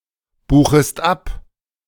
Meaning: second-person singular subjunctive I of abbuchen
- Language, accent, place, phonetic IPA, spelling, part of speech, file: German, Germany, Berlin, [ˌbuːxəst ˈap], buchest ab, verb, De-buchest ab.ogg